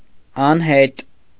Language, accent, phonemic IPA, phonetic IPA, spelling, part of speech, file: Armenian, Eastern Armenian, /ɑnˈhet/, [ɑnhét], անհետ, adjective / adverb, Hy-անհետ .ogg
- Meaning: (adjective) 1. traceless 2. unreturning (not coming back); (adverb) 1. tracelessly 2. unreturningly